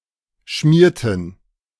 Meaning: inflection of schmieren: 1. first/third-person plural preterite 2. first/third-person plural subjunctive II
- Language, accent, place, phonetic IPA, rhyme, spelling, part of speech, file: German, Germany, Berlin, [ˈʃmiːɐ̯tn̩], -iːɐ̯tn̩, schmierten, verb, De-schmierten.ogg